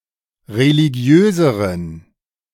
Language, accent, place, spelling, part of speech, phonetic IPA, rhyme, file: German, Germany, Berlin, religiöseren, adjective, [ʁeliˈɡi̯øːzəʁən], -øːzəʁən, De-religiöseren.ogg
- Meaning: inflection of religiös: 1. strong genitive masculine/neuter singular comparative degree 2. weak/mixed genitive/dative all-gender singular comparative degree